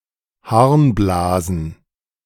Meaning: plural of Harnblase
- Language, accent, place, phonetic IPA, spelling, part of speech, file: German, Germany, Berlin, [ˈhaʁnˌblaːzn̩], Harnblasen, noun, De-Harnblasen.ogg